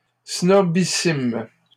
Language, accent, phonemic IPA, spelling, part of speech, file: French, Canada, /snɔ.bi.sim/, snobissimes, adjective, LL-Q150 (fra)-snobissimes.wav
- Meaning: plural of snobissime